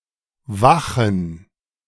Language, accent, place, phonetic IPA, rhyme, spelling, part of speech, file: German, Germany, Berlin, [ˈvaxn̩], -axn̩, Wachen, noun, De-Wachen.ogg
- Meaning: 1. plural of Wache 2. gerund of wachen